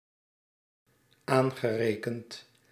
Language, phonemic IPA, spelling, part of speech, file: Dutch, /ˈaŋɣəˌrekənt/, aangerekend, verb, Nl-aangerekend.ogg
- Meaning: past participle of aanrekenen